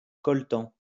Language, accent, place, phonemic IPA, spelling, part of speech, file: French, France, Lyon, /kɔl.tɑ̃/, coltan, noun, LL-Q150 (fra)-coltan.wav
- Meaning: coltan